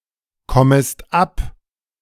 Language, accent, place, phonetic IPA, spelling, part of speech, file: German, Germany, Berlin, [ˌkɔməst ˈap], kommest ab, verb, De-kommest ab.ogg
- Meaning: second-person singular subjunctive I of abkommen